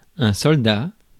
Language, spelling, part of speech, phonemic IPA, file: French, soldat, noun, /sɔl.da/, Fr-soldat.ogg
- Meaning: soldier